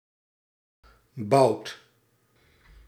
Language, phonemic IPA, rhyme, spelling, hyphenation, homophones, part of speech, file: Dutch, /bɑu̯t/, -ɑu̯t, bout, bout, boud / bouwt, noun, Nl-bout.ogg
- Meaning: 1. bolt (threaded metal cylinder) 2. haunch, leg of an animal as food 3. fart 4. bolt (crossbow arrow) 5. thigh 6. bar, rod 7. darling, sweetheart, dear